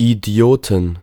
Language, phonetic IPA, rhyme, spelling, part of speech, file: German, [iˈdi̯oːtn̩], -oːtn̩, Idioten, noun, De-Idioten.ogg
- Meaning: plural of Idiot